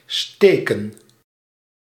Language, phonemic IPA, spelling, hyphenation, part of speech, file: Dutch, /ˈsteːkə(n)/, steken, ste‧ken, verb / noun, Nl-steken.ogg
- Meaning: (verb) 1. to prick, sting 2. to sting, hurt 3. to stab, thrust (with a sharp instrument such as a dagger) 4. to insert, put in; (noun) plural of steek